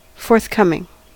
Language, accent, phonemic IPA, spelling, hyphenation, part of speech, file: English, General American, /fɔɹθˈkʌmɪŋ/, forthcoming, forth‧com‧ing, adjective / noun / verb, En-us-forthcoming.ogg
- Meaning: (adjective) 1. Approaching or about to take place 2. Available when needed; in place, ready 3. Willing to co-operate or provide information; candid, frank, responsive; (noun) An act of coming forth